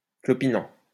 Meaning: present participle of clopiner
- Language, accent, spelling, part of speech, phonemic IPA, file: French, France, clopinant, verb, /klɔ.pi.nɑ̃/, LL-Q150 (fra)-clopinant.wav